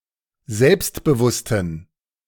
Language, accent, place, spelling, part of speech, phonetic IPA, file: German, Germany, Berlin, selbstbewussten, adjective, [ˈzɛlpstbəˌvʊstn̩], De-selbstbewussten.ogg
- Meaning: inflection of selbstbewusst: 1. strong genitive masculine/neuter singular 2. weak/mixed genitive/dative all-gender singular 3. strong/weak/mixed accusative masculine singular 4. strong dative plural